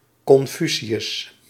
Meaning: Confucius
- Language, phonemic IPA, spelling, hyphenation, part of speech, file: Dutch, /ˌkɔnˈfy.si.ʏs/, Confucius, Con‧fu‧ci‧us, proper noun, Nl-Confucius.ogg